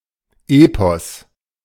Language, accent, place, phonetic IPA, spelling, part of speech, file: German, Germany, Berlin, [ˈeːpɔs], Epos, noun, De-Epos.ogg
- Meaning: epic